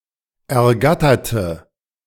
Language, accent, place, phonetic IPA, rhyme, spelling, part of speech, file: German, Germany, Berlin, [ɛɐ̯ˈɡatɐtə], -atɐtə, ergatterte, adjective / verb, De-ergatterte.ogg
- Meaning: inflection of ergattern: 1. first/third-person singular preterite 2. first/third-person singular subjunctive II